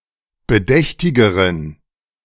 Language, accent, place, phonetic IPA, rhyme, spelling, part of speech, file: German, Germany, Berlin, [bəˈdɛçtɪɡəʁən], -ɛçtɪɡəʁən, bedächtigeren, adjective, De-bedächtigeren.ogg
- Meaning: inflection of bedächtig: 1. strong genitive masculine/neuter singular comparative degree 2. weak/mixed genitive/dative all-gender singular comparative degree